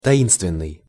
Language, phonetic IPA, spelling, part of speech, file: Russian, [tɐˈinstvʲɪn(ː)ɨj], таинственный, adjective, Ru-таинственный.ogg
- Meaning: 1. mysterious (of unknown origin) 2. enigmatic 3. secretive (having an enigmatic or mysterious quality)